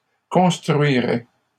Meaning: third-person singular conditional of construire
- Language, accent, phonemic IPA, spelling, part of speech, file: French, Canada, /kɔ̃s.tʁɥi.ʁɛ/, construirait, verb, LL-Q150 (fra)-construirait.wav